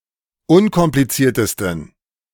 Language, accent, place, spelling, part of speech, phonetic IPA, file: German, Germany, Berlin, unkompliziertesten, adjective, [ˈʊnkɔmplit͡siːɐ̯təstn̩], De-unkompliziertesten.ogg
- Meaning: 1. superlative degree of unkompliziert 2. inflection of unkompliziert: strong genitive masculine/neuter singular superlative degree